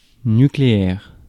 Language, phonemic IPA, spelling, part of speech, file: French, /ny.kle.ɛʁ/, nucléaire, adjective, Fr-nucléaire.ogg
- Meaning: nuclear